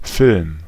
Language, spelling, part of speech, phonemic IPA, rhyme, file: German, Film, noun, /ˈfɪlm/, -ɪlm, De-Film.ogg
- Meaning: 1. film (a thin layer of some substance) 2. photographic film 3. motion picture